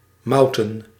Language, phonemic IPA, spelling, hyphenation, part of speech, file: Dutch, /ˈmɑutə(n)/, mouten, mout‧en, verb / noun, Nl-mouten.ogg
- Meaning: to malt